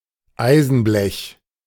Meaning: sheet metal (iron)
- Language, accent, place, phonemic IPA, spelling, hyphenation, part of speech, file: German, Germany, Berlin, /ˈaɪ̯zn̩ˌblɛç/, Eisenblech, Ei‧sen‧blech, noun, De-Eisenblech.ogg